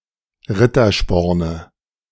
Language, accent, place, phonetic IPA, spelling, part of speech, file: German, Germany, Berlin, [ˈʁɪtɐˌʃpɔʁnə], Rittersporne, noun, De-Rittersporne.ogg
- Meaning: nominative/accusative/genitive plural of Rittersporn